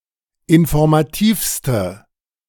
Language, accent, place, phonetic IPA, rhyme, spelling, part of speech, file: German, Germany, Berlin, [ɪnfɔʁmaˈtiːfstə], -iːfstə, informativste, adjective, De-informativste.ogg
- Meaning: inflection of informativ: 1. strong/mixed nominative/accusative feminine singular superlative degree 2. strong nominative/accusative plural superlative degree